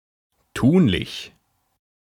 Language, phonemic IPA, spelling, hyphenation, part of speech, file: German, /ˈtuːnlɪç/, tunlich, tun‧lich, adjective, De-tunlich.ogg
- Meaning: 1. advisable 2. possible